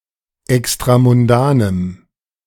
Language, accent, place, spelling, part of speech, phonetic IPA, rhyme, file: German, Germany, Berlin, extramundanem, adjective, [ɛkstʁamʊnˈdaːnəm], -aːnəm, De-extramundanem.ogg
- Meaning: strong dative masculine/neuter singular of extramundan